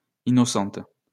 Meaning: feminine plural of innocent
- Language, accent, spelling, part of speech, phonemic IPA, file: French, France, innocentes, adjective, /i.nɔ.sɑ̃t/, LL-Q150 (fra)-innocentes.wav